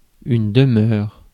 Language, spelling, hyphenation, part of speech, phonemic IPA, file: French, demeure, de‧meure, noun / verb, /də.mœʁ/, Fr-demeure.ogg
- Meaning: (noun) 1. home, domicile, residence 2. delay; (verb) inflection of demeurer: 1. first/third-person singular present indicative/subjunctive 2. second-person singular imperative